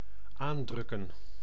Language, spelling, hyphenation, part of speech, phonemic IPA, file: Dutch, aandrukken, aan‧druk‧ken, verb, /ˈaːnˌdrʏ.kə(n)/, Nl-aandrukken.ogg
- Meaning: to press in order to flatten or make something settle